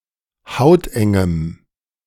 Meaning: strong dative masculine/neuter singular of hauteng
- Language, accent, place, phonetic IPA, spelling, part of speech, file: German, Germany, Berlin, [ˈhaʊ̯tʔɛŋəm], hautengem, adjective, De-hautengem.ogg